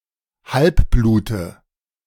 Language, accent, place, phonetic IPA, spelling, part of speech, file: German, Germany, Berlin, [ˈhalpˌbluːtə], Halbblute, noun, De-Halbblute.ogg
- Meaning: nominative/accusative/genitive plural of Halbblut